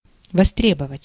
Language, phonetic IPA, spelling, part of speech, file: Russian, [vɐˈstrʲebəvətʲ], востребовать, verb, Ru-востребовать.ogg
- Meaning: 1. to claim, to collect (money) 2. to demand, to require (something to be done) 3. to summon